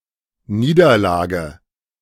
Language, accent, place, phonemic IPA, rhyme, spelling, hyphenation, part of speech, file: German, Germany, Berlin, /ˈniːdɐˌlaːɡə/, -aːɡə, Niederlage, Nie‧der‧la‧ge, noun, De-Niederlage.ogg
- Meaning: defeat, loss